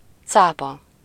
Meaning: shark
- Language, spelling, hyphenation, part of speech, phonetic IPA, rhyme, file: Hungarian, cápa, cá‧pa, noun, [ˈt͡saːpɒ], -pɒ, Hu-cápa.ogg